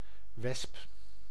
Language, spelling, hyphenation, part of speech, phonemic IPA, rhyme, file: Dutch, wesp, wesp, noun, /ʋɛsp/, -ɛsp, Nl-wesp.ogg
- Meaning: wasp (various insects of the order Hymenoptera, especially of the superfamily Vespoidea)